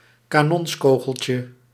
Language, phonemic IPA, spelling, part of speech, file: Dutch, /kaˈnɔnskoɣəlcə/, kanonskogeltje, noun, Nl-kanonskogeltje.ogg
- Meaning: diminutive of kanonskogel